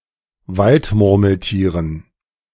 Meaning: dative plural of Waldmurmeltier
- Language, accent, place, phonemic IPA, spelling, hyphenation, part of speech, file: German, Germany, Berlin, /ˈvaltˌmʊʁml̩tiːʁən/, Waldmurmeltieren, Wald‧mur‧mel‧tie‧ren, noun, De-Waldmurmeltieren.ogg